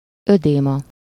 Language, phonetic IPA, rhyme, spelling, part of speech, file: Hungarian, [ˈødeːmɒ], -mɒ, ödéma, noun, Hu-ödéma.ogg
- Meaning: oedema (UK), edema (US)